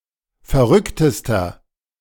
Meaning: inflection of verrückt: 1. strong/mixed nominative masculine singular superlative degree 2. strong genitive/dative feminine singular superlative degree 3. strong genitive plural superlative degree
- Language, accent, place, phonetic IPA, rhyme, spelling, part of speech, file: German, Germany, Berlin, [fɛɐ̯ˈʁʏktəstɐ], -ʏktəstɐ, verrücktester, adjective, De-verrücktester.ogg